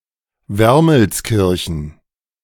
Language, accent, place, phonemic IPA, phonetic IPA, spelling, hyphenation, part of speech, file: German, Germany, Berlin, /veɐməlsˈkiɐçən/, [ˈvɛʁml̩sˌkɪʁçn̩], Wermelskirchen, Wer‧mels‧kir‧chen, proper noun, De-Wermelskirchen.ogg
- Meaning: Wermelskirchen (a city in western Germany)